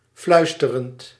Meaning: present participle of fluisteren
- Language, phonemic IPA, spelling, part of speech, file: Dutch, /ˈflœystərənt/, fluisterend, verb / adjective, Nl-fluisterend.ogg